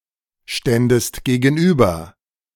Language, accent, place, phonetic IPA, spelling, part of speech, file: German, Germany, Berlin, [ˌʃtɛndəst ɡeːɡn̩ˈʔyːbɐ], ständest gegenüber, verb, De-ständest gegenüber.ogg
- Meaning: second-person singular subjunctive II of gegenüberstehen